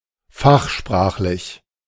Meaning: technical
- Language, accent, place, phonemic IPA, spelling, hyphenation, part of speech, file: German, Germany, Berlin, /ˈfaxˌʃpʁaːxlɪç/, fachsprachlich, fach‧sprach‧lich, adjective, De-fachsprachlich.ogg